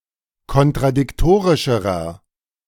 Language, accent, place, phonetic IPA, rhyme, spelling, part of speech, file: German, Germany, Berlin, [kɔntʁadɪkˈtoːʁɪʃəʁɐ], -oːʁɪʃəʁɐ, kontradiktorischerer, adjective, De-kontradiktorischerer.ogg
- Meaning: inflection of kontradiktorisch: 1. strong/mixed nominative masculine singular comparative degree 2. strong genitive/dative feminine singular comparative degree